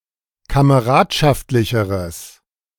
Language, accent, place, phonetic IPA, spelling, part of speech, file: German, Germany, Berlin, [kaməˈʁaːtʃaftlɪçəʁəs], kameradschaftlicheres, adjective, De-kameradschaftlicheres.ogg
- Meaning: strong/mixed nominative/accusative neuter singular comparative degree of kameradschaftlich